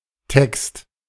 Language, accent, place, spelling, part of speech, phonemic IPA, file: German, Germany, Berlin, Text, noun, /tɛkst/, De-Text.ogg
- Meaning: 1. text (writing consisting of several sentences and forming a discrete unit) 2. text (passage of a larger opus, often Scripture, examined and interpreted as a unit)